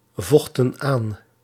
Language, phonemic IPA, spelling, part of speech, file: Dutch, /ˈvɔxtə(n) ˈan/, vochten aan, verb, Nl-vochten aan.ogg
- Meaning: inflection of aanvechten: 1. plural past indicative 2. plural past subjunctive